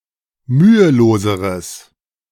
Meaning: strong/mixed nominative/accusative neuter singular comparative degree of mühelos
- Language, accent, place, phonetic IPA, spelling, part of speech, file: German, Germany, Berlin, [ˈmyːəˌloːzəʁəs], müheloseres, adjective, De-müheloseres.ogg